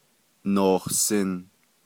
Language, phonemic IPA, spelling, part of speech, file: Navajo, /nòhsɪ̀n/, nohsin, verb, Nv-nohsin.ogg
- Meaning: 1. second-person duoplural imperfective of nízin 2. second-person duoplural imperfective of yinízin